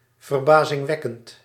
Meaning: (adjective) amazing; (adverb) amazingly
- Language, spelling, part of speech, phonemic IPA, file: Dutch, verbazingwekkend, adjective, /vərˌbazɪŋˈʋɛkənt/, Nl-verbazingwekkend.ogg